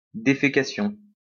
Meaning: defecation
- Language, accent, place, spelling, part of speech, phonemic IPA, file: French, France, Lyon, défécation, noun, /de.fe.ka.sjɔ̃/, LL-Q150 (fra)-défécation.wav